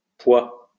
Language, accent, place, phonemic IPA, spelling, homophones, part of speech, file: French, France, Lyon, /pwa/, poix, poids / pois, noun, LL-Q150 (fra)-poix.wav
- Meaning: pitch